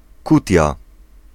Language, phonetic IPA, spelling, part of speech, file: Polish, [ˈkutʲja], kutia, noun, Pl-kutia.ogg